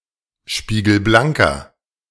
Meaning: inflection of spiegelblank: 1. strong/mixed nominative masculine singular 2. strong genitive/dative feminine singular 3. strong genitive plural
- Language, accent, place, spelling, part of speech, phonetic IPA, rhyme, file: German, Germany, Berlin, spiegelblanker, adjective, [ˌʃpiːɡl̩ˈblaŋkɐ], -aŋkɐ, De-spiegelblanker.ogg